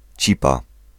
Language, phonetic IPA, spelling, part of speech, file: Polish, [ˈt͡ɕipa], cipa, noun, Pl-cipa.ogg